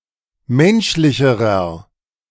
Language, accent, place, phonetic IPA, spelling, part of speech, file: German, Germany, Berlin, [ˈmɛnʃlɪçəʁɐ], menschlicherer, adjective, De-menschlicherer.ogg
- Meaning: inflection of menschlich: 1. strong/mixed nominative masculine singular comparative degree 2. strong genitive/dative feminine singular comparative degree 3. strong genitive plural comparative degree